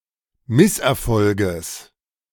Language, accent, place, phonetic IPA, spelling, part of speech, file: German, Germany, Berlin, [ˈmɪsʔɛɐ̯ˌfɔlɡəs], Misserfolges, noun, De-Misserfolges.ogg
- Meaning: genitive singular of Misserfolg